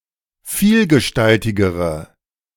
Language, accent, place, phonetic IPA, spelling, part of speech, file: German, Germany, Berlin, [ˈfiːlɡəˌʃtaltɪɡəʁə], vielgestaltigere, adjective, De-vielgestaltigere.ogg
- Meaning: inflection of vielgestaltig: 1. strong/mixed nominative/accusative feminine singular comparative degree 2. strong nominative/accusative plural comparative degree